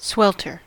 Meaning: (verb) 1. To suffer terribly from intense heat 2. To perspire greatly from heat 3. To cause to faint, to overpower, as with heat; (noun) Intense heat
- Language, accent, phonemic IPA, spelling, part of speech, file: English, US, /ˈswɛl.tɚ/, swelter, verb / noun, En-us-swelter.ogg